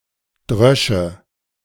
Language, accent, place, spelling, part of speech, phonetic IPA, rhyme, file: German, Germany, Berlin, drösche, verb, [ˈdʁœʃə], -œʃə, De-drösche.ogg
- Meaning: first/third-person singular subjunctive II of dreschen